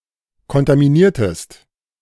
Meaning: inflection of kontaminieren: 1. second-person singular preterite 2. second-person singular subjunctive II
- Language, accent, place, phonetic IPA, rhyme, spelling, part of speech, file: German, Germany, Berlin, [kɔntamiˈniːɐ̯təst], -iːɐ̯təst, kontaminiertest, verb, De-kontaminiertest.ogg